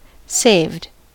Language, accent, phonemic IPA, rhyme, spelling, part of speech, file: English, US, /seɪvd/, -eɪvd, saved, verb / adjective, En-us-saved.ogg
- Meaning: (verb) simple past and past participle of save; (adjective) 1. Rescued from the consequences of sin 2. Retained for future use rather than spent